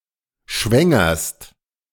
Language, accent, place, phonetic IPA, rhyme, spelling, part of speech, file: German, Germany, Berlin, [ˈʃvɛŋɐst], -ɛŋɐst, schwängerst, verb, De-schwängerst.ogg
- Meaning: second-person singular present of schwängern